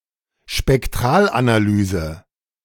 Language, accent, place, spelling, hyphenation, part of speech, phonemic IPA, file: German, Germany, Berlin, Spektralanalyse, Spek‧t‧ral‧ana‧ly‧se, noun, /ʃpɛkˈtʁaːlʔanaˌlyːzə/, De-Spektralanalyse.ogg
- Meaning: 1. spectroscopy 2. Fourier analysis